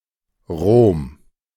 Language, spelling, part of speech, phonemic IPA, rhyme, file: German, Rom, proper noun, /ʁoːm/, -oːm, De-Rom.ogg
- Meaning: Rome: 1. Rome (a major city, the capital of Italy and the Italian region of Lazio, located on the Tiber River; the ancient capital of the Roman Empire) 2. Rome (a metropolitan city of Lazio, Italy)